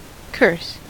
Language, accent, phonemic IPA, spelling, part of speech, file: English, US, /kɝs/, curse, noun / verb, En-us-curse.ogg
- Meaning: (noun) 1. A supernatural detriment or hindrance; a bane 2. A prayer or imprecation that harm may befall someone